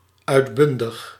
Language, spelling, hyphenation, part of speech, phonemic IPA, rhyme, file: Dutch, uitbundig, uit‧bun‧dig, adjective, /ˌœy̯tˈbʏn.dəx/, -ʏndəx, Nl-uitbundig.ogg
- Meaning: 1. overwhelming 2. exuberant, energetic 3. excellent, exemplary